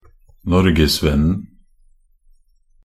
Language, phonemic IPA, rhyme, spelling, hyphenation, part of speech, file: Norwegian Bokmål, /ˈnɔrɡɛsvɛnːn̩/, -ɛnːn̩, norgesvennen, nor‧ges‧venn‧en, noun, Nb-norgesvennen.ogg
- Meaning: definite singular of norgesvenn